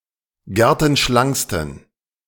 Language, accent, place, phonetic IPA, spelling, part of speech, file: German, Germany, Berlin, [ˈɡɛʁtn̩ˌʃlaŋkstn̩], gertenschlanksten, adjective, De-gertenschlanksten.ogg
- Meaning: 1. superlative degree of gertenschlank 2. inflection of gertenschlank: strong genitive masculine/neuter singular superlative degree